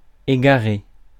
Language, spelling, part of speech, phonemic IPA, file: French, égarer, verb, /e.ɡa.ʁe/, Fr-égarer.ogg
- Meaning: 1. to misplace 2. to mislead, misinform 3. to lead astray 4. to get lost, go astray, to lose one's way; to wander